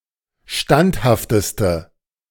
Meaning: inflection of standhaft: 1. strong/mixed nominative/accusative feminine singular superlative degree 2. strong nominative/accusative plural superlative degree
- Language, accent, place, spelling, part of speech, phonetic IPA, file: German, Germany, Berlin, standhafteste, adjective, [ˈʃtanthaftəstə], De-standhafteste.ogg